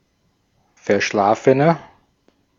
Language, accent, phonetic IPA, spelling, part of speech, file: German, Austria, [fɛɐ̯ˈʃlaːfənɐ], verschlafener, adjective, De-at-verschlafener.ogg
- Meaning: 1. comparative degree of verschlafen 2. inflection of verschlafen: strong/mixed nominative masculine singular 3. inflection of verschlafen: strong genitive/dative feminine singular